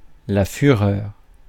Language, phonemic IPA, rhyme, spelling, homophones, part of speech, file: French, /fy.ʁœʁ/, -œʁ, fureur, führer, noun, Fr-fureur.ogg
- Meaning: wrath (great anger)